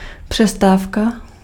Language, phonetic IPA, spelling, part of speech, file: Czech, [ˈpr̝̊ɛstaːfka], přestávka, noun, Cs-přestávka.ogg
- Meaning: break, pause